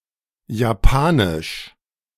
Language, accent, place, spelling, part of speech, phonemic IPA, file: German, Germany, Berlin, japanisch, adjective, /jaˈpaːnɪʃ/, De-japanisch.ogg
- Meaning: Japanese (of or relating to Japan, the Japanese people, or the Japanese language)